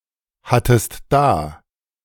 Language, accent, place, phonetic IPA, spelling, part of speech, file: German, Germany, Berlin, [ˌhatəst ˈdaː], hattest da, verb, De-hattest da.ogg
- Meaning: second-person singular preterite of dahaben